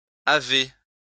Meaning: second-person plural present indicative of avoir
- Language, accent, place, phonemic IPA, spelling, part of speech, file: French, France, Lyon, /a.ve/, avez, verb, LL-Q150 (fra)-avez.wav